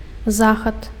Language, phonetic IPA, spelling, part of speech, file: Belarusian, [ˈzaxat], захад, noun, Be-захад.ogg
- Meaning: west